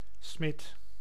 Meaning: 1. a smith, who forges metal 2. the tree frog species Boana faber, whose call resounds like a smith's hammer coming down
- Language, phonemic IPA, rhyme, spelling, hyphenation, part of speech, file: Dutch, /smɪt/, -ɪt, smid, smid, noun, Nl-smid.ogg